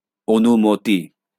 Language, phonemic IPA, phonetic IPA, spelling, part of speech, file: Bengali, /onumot̪i/, [ˈonumot̪iˑ], অনুমতি, noun, LL-Q9610 (ben)-অনুমতি.wav
- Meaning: permission